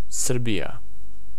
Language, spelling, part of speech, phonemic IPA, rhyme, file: Serbo-Croatian, Srbija, proper noun, /sř̩bija/, -ija, Sr-srbija.ogg
- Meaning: Serbia (a country on the Balkan Peninsula in Southeastern Europe)